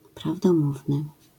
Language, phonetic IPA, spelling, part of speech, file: Polish, [ˌpravdɔ̃ˈmuvnɨ], prawdomówny, adjective, LL-Q809 (pol)-prawdomówny.wav